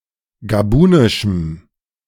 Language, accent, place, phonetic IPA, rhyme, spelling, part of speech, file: German, Germany, Berlin, [ɡaˈbuːnɪʃm̩], -uːnɪʃm̩, gabunischem, adjective, De-gabunischem.ogg
- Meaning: strong dative masculine/neuter singular of gabunisch